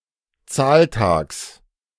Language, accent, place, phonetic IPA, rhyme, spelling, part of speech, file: German, Germany, Berlin, [ˈt͡saːlˌtaːks], -aːltaːks, Zahltags, noun, De-Zahltags.ogg
- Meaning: genitive singular of Zahltag